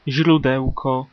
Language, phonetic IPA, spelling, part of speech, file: Polish, [ʑruˈdɛwkɔ], źródełko, noun, Pl-źródełko.ogg